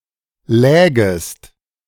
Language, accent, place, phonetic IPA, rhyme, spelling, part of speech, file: German, Germany, Berlin, [ˈlɛːɡəst], -ɛːɡəst, lägest, verb, De-lägest.ogg
- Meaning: second-person singular subjunctive II of liegen